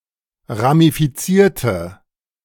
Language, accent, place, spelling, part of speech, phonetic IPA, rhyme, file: German, Germany, Berlin, ramifizierte, verb, [ʁamifiˈt͡siːɐ̯tə], -iːɐ̯tə, De-ramifizierte.ogg
- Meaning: inflection of ramifizieren: 1. first/third-person singular preterite 2. first/third-person singular subjunctive II